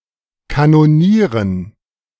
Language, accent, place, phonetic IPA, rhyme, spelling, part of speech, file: German, Germany, Berlin, [kanoˈniːʁən], -iːʁən, Kanonieren, noun, De-Kanonieren.ogg
- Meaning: dative plural of Kanonier